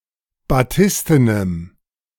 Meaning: strong dative masculine/neuter singular of batisten
- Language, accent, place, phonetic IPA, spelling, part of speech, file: German, Germany, Berlin, [baˈtɪstənəm], batistenem, adjective, De-batistenem.ogg